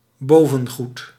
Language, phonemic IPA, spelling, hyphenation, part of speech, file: Dutch, /ˈboː.və(n)ˌɣut/, bovengoed, bo‧ven‧goed, noun, Nl-bovengoed.ogg
- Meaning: 1. topmost tobacco leaves of the tobacco plant or tobacco made of those leaves 2. outer clothing, upper dres, clothes worn over one's underwear